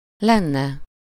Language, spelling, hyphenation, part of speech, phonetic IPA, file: Hungarian, lenne, len‧ne, verb, [ˈlɛnːɛ], Hu-lenne.ogg
- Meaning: 1. third-person singular conditional present of van 2. third-person singular conditional present of lesz